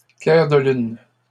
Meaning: plural of clair de lune
- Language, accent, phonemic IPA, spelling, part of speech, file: French, Canada, /klɛʁ də lyn/, clairs de lune, noun, LL-Q150 (fra)-clairs de lune.wav